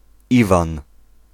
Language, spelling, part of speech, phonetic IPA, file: Polish, Iwan, proper noun, [ˈivãn], Pl-Iwan.ogg